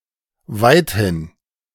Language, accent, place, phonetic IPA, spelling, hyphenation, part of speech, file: German, Germany, Berlin, [ˈvaɪ̯t.hin], weithin, weit‧hin, adverb, De-weithin.ogg
- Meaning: 1. widely 2. largely